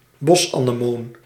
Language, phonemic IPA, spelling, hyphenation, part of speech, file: Dutch, /ˈbɔs.aː.nəˌmoːn/, bosanemoon, bos‧ane‧moon, noun, Nl-bosanemoon.ogg
- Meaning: wood anemone, windflower (Anemone nemorosa)